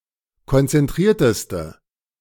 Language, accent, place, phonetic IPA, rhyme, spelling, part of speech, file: German, Germany, Berlin, [kɔnt͡sɛnˈtʁiːɐ̯təstə], -iːɐ̯təstə, konzentrierteste, adjective, De-konzentrierteste.ogg
- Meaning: inflection of konzentriert: 1. strong/mixed nominative/accusative feminine singular superlative degree 2. strong nominative/accusative plural superlative degree